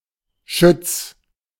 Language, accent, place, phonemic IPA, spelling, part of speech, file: German, Germany, Berlin, /ʃʏt͡s/, Schütz, noun, De-Schütz.ogg
- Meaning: contactor